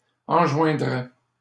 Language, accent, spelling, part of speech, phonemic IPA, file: French, Canada, enjoindraient, verb, /ɑ̃.ʒwɛ̃.dʁɛ/, LL-Q150 (fra)-enjoindraient.wav
- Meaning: third-person plural conditional of enjoindre